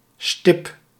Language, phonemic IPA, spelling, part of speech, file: Dutch, /stɪp/, stip, noun / verb, Nl-stip.ogg
- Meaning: 1. dot 2. ICH: a disease that affects (aquarium) fish Ichthyophthirius multifiliis